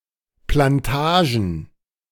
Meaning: plural of Plantage
- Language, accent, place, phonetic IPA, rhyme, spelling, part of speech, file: German, Germany, Berlin, [planˈtaːʒn̩], -aːʒn̩, Plantagen, noun, De-Plantagen.ogg